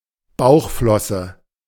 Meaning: abdominal fin, pelvic fin, ventral fin
- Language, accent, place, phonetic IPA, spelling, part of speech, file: German, Germany, Berlin, [ˈbaʊ̯xˌflɔsə], Bauchflosse, noun, De-Bauchflosse.ogg